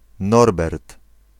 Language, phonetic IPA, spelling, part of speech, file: Polish, [ˈnɔrbɛrt], Norbert, proper noun, Pl-Norbert.ogg